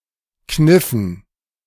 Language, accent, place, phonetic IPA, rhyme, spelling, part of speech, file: German, Germany, Berlin, [ˈknɪfn̩], -ɪfn̩, kniffen, verb, De-kniffen.ogg
- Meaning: inflection of kneifen: 1. first/third-person plural preterite 2. first/third-person plural subjunctive II